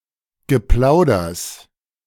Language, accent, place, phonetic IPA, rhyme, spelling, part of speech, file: German, Germany, Berlin, [ɡəˈplaʊ̯dɐs], -aʊ̯dɐs, Geplauders, noun, De-Geplauders.ogg
- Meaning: genitive singular of Geplauder